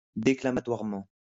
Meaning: 1. declamatorily 2. bombastically
- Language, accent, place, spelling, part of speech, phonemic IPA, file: French, France, Lyon, déclamatoirement, adverb, /de.kla.ma.twaʁ.mɑ̃/, LL-Q150 (fra)-déclamatoirement.wav